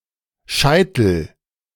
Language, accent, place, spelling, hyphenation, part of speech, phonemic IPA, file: German, Germany, Berlin, Scheitel, Schei‧tel, noun, /ˈʃaɪ̯tl̩/, De-Scheitel.ogg
- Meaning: 1. parting 2. crown, vertex (of the head) 3. maximum, apex